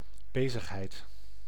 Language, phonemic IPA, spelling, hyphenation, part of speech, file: Dutch, /ˈbeː.zəxˌɦɛi̯t/, bezigheid, be‧zig‧heid, noun, Nl-bezigheid.ogg
- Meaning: busyness, occupation, activity